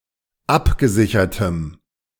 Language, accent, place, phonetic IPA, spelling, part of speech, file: German, Germany, Berlin, [ˈapɡəˌzɪçɐtəm], abgesichertem, adjective, De-abgesichertem.ogg
- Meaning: strong dative masculine/neuter singular of abgesichert